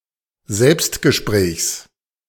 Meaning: genitive of Selbstgespräch
- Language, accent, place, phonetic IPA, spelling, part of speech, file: German, Germany, Berlin, [ˈzɛlpstɡəˌʃpʁɛːçs], Selbstgesprächs, noun, De-Selbstgesprächs.ogg